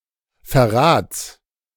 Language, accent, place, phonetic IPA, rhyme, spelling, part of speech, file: German, Germany, Berlin, [fɛɐ̯ˈʁaːt͡s], -aːt͡s, Verrats, noun, De-Verrats.ogg
- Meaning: genitive singular of Verrat